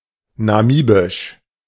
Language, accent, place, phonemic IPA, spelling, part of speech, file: German, Germany, Berlin, /naˈmiːbɪʃ/, namibisch, adjective, De-namibisch.ogg
- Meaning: of Namibia; Namibian